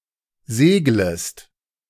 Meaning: second-person singular subjunctive I of segeln
- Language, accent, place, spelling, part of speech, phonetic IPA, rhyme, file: German, Germany, Berlin, seglest, verb, [ˈzeːɡləst], -eːɡləst, De-seglest.ogg